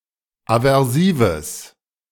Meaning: strong/mixed nominative/accusative neuter singular of aversiv
- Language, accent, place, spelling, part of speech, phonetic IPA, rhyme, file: German, Germany, Berlin, aversives, adjective, [avɛʁˈsiːvəs], -iːvəs, De-aversives.ogg